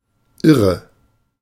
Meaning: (adjective) 1. crazy, insane, mad, mental 2. crazy, incredible, extreme; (verb) inflection of irren: 1. first-person singular present 2. first/third-person singular subjunctive I
- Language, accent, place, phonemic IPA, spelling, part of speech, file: German, Germany, Berlin, /ˈɪʁə/, irre, adjective / verb, De-irre.ogg